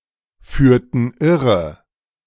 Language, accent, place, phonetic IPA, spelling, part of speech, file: German, Germany, Berlin, [ˌfyːɐ̯tn̩ ˈɪʁə], führten irre, verb, De-führten irre.ogg
- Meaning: inflection of irreführen: 1. first/third-person plural preterite 2. first/third-person plural subjunctive II